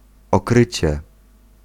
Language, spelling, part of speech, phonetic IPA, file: Polish, okrycie, noun, [ɔˈkrɨt͡ɕɛ], Pl-okrycie.ogg